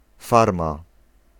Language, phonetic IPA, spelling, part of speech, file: Polish, [ˈfarma], farma, noun, Pl-farma.ogg